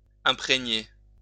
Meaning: 1. to impregnate 2. to imbue 3. to soak up
- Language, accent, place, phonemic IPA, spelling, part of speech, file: French, France, Lyon, /ɛ̃.pʁe.ɲe/, imprégner, verb, LL-Q150 (fra)-imprégner.wav